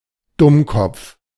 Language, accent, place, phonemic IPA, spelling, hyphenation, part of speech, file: German, Germany, Berlin, /ˈdʊmˌkɔp͡f/, Dummkopf, Dumm‧kopf, noun, De-Dummkopf.ogg
- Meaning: airhead, birdbrain, bubblehead, feather-brain, featherhead, jingle-brains, lamebrain, peabrain, pinhead